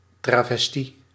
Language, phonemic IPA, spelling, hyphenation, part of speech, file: Dutch, /ˌtravɛsˈti/, travestie, tra‧ves‧tie, noun, Nl-travestie.ogg
- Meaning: 1. crossdressing 2. travesty